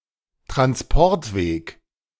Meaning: transport route
- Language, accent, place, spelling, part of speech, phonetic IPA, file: German, Germany, Berlin, Transportweg, noun, [tʁansˈpɔʁtˌveːk], De-Transportweg.ogg